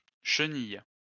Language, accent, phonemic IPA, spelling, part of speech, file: French, France, /ʃə.nij/, chenilles, noun, LL-Q150 (fra)-chenilles.wav
- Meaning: plural of chenille